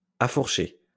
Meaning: past participle of affourcher
- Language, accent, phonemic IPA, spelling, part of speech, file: French, France, /a.fuʁ.ʃe/, affourché, verb, LL-Q150 (fra)-affourché.wav